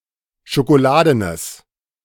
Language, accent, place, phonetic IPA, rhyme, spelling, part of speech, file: German, Germany, Berlin, [ʃokoˈlaːdənəs], -aːdənəs, schokoladenes, adjective, De-schokoladenes.ogg
- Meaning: strong/mixed nominative/accusative neuter singular of schokoladen